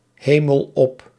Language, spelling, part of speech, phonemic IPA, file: Dutch, hemel op, verb, /ˈheməl ˈɔp/, Nl-hemel op.ogg
- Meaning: inflection of ophemelen: 1. first-person singular present indicative 2. second-person singular present indicative 3. imperative